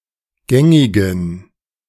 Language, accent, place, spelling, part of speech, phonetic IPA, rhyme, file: German, Germany, Berlin, gängigen, adjective, [ˈɡɛŋɪɡn̩], -ɛŋɪɡn̩, De-gängigen.ogg
- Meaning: inflection of gängig: 1. strong genitive masculine/neuter singular 2. weak/mixed genitive/dative all-gender singular 3. strong/weak/mixed accusative masculine singular 4. strong dative plural